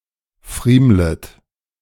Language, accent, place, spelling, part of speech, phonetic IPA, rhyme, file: German, Germany, Berlin, friemlet, verb, [ˈfʁiːmlət], -iːmlət, De-friemlet.ogg
- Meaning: second-person plural subjunctive I of friemeln